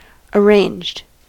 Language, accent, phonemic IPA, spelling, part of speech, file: English, US, /əˈɹeɪnd͡ʒd/, arranged, verb / adjective, En-us-arranged.ogg
- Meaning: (verb) simple past and past participle of arrange; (adjective) Having the match decided by someone other than the couple being married